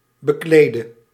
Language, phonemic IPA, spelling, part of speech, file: Dutch, /bəˈkledə/, beklede, adjective / verb, Nl-beklede.ogg
- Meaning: singular present subjunctive of bekleden